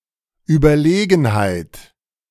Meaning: superiority
- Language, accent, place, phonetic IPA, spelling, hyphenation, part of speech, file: German, Germany, Berlin, [yːbɐˈleːɡn̩haɪ̯t], Überlegenheit, Über‧le‧gen‧heit, noun, De-Überlegenheit.ogg